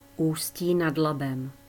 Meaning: Ústí nad Labem (the capital city of the Ústí nad Labem Region, Czech Republic)
- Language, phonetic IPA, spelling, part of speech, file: Czech, [uːsciː nat labɛm], Ústí nad Labem, proper noun, Cs Ústí nad Labem.ogg